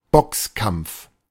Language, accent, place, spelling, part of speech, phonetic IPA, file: German, Germany, Berlin, Boxkampf, noun, [ˈbɔksˌkamp͡f], De-Boxkampf.ogg
- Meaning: boxing match